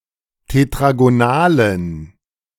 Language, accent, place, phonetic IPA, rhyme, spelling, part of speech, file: German, Germany, Berlin, [tetʁaɡoˈnaːlən], -aːlən, tetragonalen, adjective, De-tetragonalen.ogg
- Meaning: inflection of tetragonal: 1. strong genitive masculine/neuter singular 2. weak/mixed genitive/dative all-gender singular 3. strong/weak/mixed accusative masculine singular 4. strong dative plural